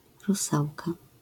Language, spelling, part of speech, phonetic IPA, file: Polish, rusałka, noun, [ruˈsawka], LL-Q809 (pol)-rusałka.wav